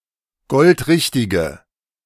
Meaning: inflection of goldrichtig: 1. strong/mixed nominative/accusative feminine singular 2. strong nominative/accusative plural 3. weak nominative all-gender singular
- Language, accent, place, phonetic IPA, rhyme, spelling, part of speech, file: German, Germany, Berlin, [ˈɡɔltˈʁɪçtɪɡə], -ɪçtɪɡə, goldrichtige, adjective, De-goldrichtige.ogg